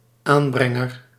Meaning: 1. denouncer, one who reports a legal matter to the authorities 2. telltale, one who tattles 3. provider, deliverer
- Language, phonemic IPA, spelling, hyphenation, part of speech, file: Dutch, /ˈaːnˌbrɛ.ŋər/, aanbrenger, aan‧bren‧ger, noun, Nl-aanbrenger.ogg